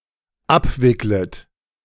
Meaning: second-person plural dependent subjunctive I of abwickeln
- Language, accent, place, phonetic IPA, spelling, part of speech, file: German, Germany, Berlin, [ˈapˌvɪklət], abwicklet, verb, De-abwicklet.ogg